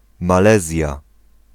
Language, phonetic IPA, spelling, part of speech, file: Polish, [maˈlɛzʲja], Malezja, proper noun, Pl-Malezja.ogg